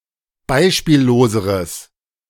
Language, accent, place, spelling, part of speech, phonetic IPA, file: German, Germany, Berlin, beispielloseres, adjective, [ˈbaɪ̯ʃpiːlloːzəʁəs], De-beispielloseres.ogg
- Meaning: strong/mixed nominative/accusative neuter singular comparative degree of beispiellos